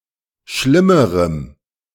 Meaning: strong dative masculine/neuter singular comparative degree of schlimm
- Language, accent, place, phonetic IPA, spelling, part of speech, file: German, Germany, Berlin, [ˈʃlɪməʁəm], schlimmerem, adjective, De-schlimmerem.ogg